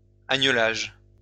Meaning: lambing
- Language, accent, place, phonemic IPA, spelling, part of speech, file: French, France, Lyon, /a.ɲə.laʒ/, agnelage, noun, LL-Q150 (fra)-agnelage.wav